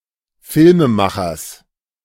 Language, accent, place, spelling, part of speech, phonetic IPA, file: German, Germany, Berlin, Filmemachers, noun, [ˈfɪlməˌmaxɐs], De-Filmemachers.ogg
- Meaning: genitive singular of Filmemacher